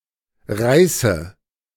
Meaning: inflection of reißen: 1. first-person singular present 2. first/third-person singular subjunctive I 3. singular imperative
- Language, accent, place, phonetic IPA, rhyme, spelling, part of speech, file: German, Germany, Berlin, [ˈʁaɪ̯sə], -aɪ̯sə, reiße, verb, De-reiße.ogg